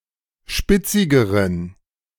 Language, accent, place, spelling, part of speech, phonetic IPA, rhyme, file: German, Germany, Berlin, spitzigeren, adjective, [ˈʃpɪt͡sɪɡəʁən], -ɪt͡sɪɡəʁən, De-spitzigeren.ogg
- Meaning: inflection of spitzig: 1. strong genitive masculine/neuter singular comparative degree 2. weak/mixed genitive/dative all-gender singular comparative degree